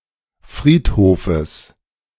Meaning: genitive singular of Friedhof
- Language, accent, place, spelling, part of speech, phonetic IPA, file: German, Germany, Berlin, Friedhofes, noun, [ˈfʁiːtˌhoːfəs], De-Friedhofes.ogg